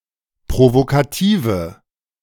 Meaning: inflection of provokativ: 1. strong/mixed nominative/accusative feminine singular 2. strong nominative/accusative plural 3. weak nominative all-gender singular
- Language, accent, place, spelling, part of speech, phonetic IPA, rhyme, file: German, Germany, Berlin, provokative, adjective, [pʁovokaˈtiːvə], -iːvə, De-provokative.ogg